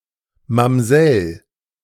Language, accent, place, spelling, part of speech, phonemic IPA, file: German, Germany, Berlin, Mamsell, noun, /mamˈzɛl/, De-Mamsell.ogg
- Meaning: maid, female housekeeper or domestic, typically one with a somewhat elevated position (e.g. one who supervises others or a private teacher)